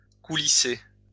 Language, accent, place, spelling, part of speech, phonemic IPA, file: French, France, Lyon, coulisser, verb, /ku.li.se/, LL-Q150 (fra)-coulisser.wav
- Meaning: to slide